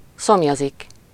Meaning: 1. to thirst, be thirsty 2. to thirst for, long for, crave for 3. to thirst for someone or something (with -t/-ot/-at/-et/-öt)
- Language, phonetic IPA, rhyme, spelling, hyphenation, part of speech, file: Hungarian, [ˈsomjɒzik], -ɒzik, szomjazik, szom‧ja‧zik, verb, Hu-szomjazik.ogg